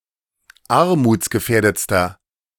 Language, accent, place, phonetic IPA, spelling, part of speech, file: German, Germany, Berlin, [ˈaʁmuːt͡sɡəˌfɛːɐ̯dət͡stɐ], armutsgefährdetster, adjective, De-armutsgefährdetster.ogg
- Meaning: inflection of armutsgefährdet: 1. strong/mixed nominative masculine singular superlative degree 2. strong genitive/dative feminine singular superlative degree